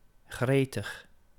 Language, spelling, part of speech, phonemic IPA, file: Dutch, gretig, adjective / adverb, /ˈxretəx/, Nl-gretig.ogg
- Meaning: 1. eager 2. keen